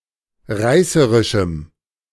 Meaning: strong dative masculine/neuter singular of reißerisch
- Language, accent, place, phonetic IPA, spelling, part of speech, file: German, Germany, Berlin, [ˈʁaɪ̯səʁɪʃm̩], reißerischem, adjective, De-reißerischem.ogg